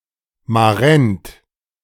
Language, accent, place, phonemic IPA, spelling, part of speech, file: German, Germany, Berlin, /maˈʁɛnt/, Marend, noun, De-Marend.ogg
- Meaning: afternoon snack